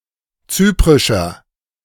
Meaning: inflection of zyprisch: 1. strong/mixed nominative masculine singular 2. strong genitive/dative feminine singular 3. strong genitive plural
- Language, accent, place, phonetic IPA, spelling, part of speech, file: German, Germany, Berlin, [ˈt͡syːpʁɪʃɐ], zyprischer, adjective, De-zyprischer.ogg